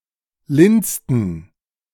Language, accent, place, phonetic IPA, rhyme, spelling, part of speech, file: German, Germany, Berlin, [ˈlɪnstn̩], -ɪnstn̩, linsten, verb, De-linsten.ogg
- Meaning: inflection of linsen: 1. first/third-person plural preterite 2. first/third-person plural subjunctive II